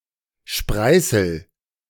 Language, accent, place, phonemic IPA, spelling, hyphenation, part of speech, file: German, Germany, Berlin, /ˈʃpʁaɪ̯səl/, Spreißel, Sprei‧ßel, noun, De-Spreißel.ogg
- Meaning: 1. splinter (a small sharp fragment of material, often wood) 2. kindling (small pieces of wood used to start a fire)